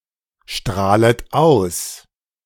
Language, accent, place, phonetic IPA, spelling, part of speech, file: German, Germany, Berlin, [ˌʃtʁaːlət ˈaʊ̯s], strahlet aus, verb, De-strahlet aus.ogg
- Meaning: second-person plural subjunctive I of ausstrahlen